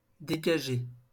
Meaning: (adjective) 1. clear 2. bare 3. disengaged; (verb) past participle of dégager
- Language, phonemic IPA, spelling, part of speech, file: French, /de.ɡa.ʒe/, dégagé, adjective / verb, LL-Q150 (fra)-dégagé.wav